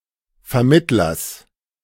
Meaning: genitive singular of Vermittler
- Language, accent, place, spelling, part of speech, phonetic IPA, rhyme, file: German, Germany, Berlin, Vermittlers, noun, [fɛɐ̯ˈmɪtlɐs], -ɪtlɐs, De-Vermittlers.ogg